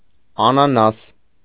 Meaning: pineapple
- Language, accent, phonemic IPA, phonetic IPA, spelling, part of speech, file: Armenian, Eastern Armenian, /ɑnɑˈnɑs/, [ɑnɑnɑ́s], անանաս, noun, Hy-անանաս.ogg